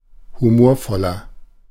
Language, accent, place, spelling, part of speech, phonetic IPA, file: German, Germany, Berlin, humorvoller, adjective, [huˈmoːɐ̯ˌfɔlɐ], De-humorvoller.ogg
- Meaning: 1. comparative degree of humorvoll 2. inflection of humorvoll: strong/mixed nominative masculine singular 3. inflection of humorvoll: strong genitive/dative feminine singular